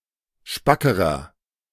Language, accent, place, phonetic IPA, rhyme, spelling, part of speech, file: German, Germany, Berlin, [ˈʃpakəʁɐ], -akəʁɐ, spackerer, adjective, De-spackerer.ogg
- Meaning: inflection of spack: 1. strong/mixed nominative masculine singular comparative degree 2. strong genitive/dative feminine singular comparative degree 3. strong genitive plural comparative degree